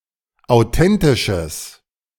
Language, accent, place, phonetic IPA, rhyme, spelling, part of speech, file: German, Germany, Berlin, [aʊ̯ˈtɛntɪʃəs], -ɛntɪʃəs, authentisches, adjective, De-authentisches.ogg
- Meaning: strong/mixed nominative/accusative neuter singular of authentisch